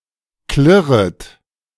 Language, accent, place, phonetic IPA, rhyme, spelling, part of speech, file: German, Germany, Berlin, [ˈklɪʁət], -ɪʁət, klirret, verb, De-klirret.ogg
- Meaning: second-person plural subjunctive I of klirren